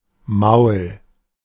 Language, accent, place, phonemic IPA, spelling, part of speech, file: German, Germany, Berlin, /maʊ̯l/, Maul, noun, De-Maul.ogg
- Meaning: 1. mouth of an animal 2. mouth of a person 3. a part of a tool that holds or carries something